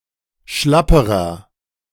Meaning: inflection of schlapp: 1. strong/mixed nominative masculine singular comparative degree 2. strong genitive/dative feminine singular comparative degree 3. strong genitive plural comparative degree
- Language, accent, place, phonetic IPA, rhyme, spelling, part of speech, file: German, Germany, Berlin, [ˈʃlapəʁɐ], -apəʁɐ, schlapperer, adjective, De-schlapperer.ogg